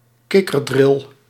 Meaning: frogspawn
- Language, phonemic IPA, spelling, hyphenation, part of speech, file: Dutch, /ˈkɪ.kərˌdrɪl/, kikkerdril, kik‧ker‧dril, noun, Nl-kikkerdril.ogg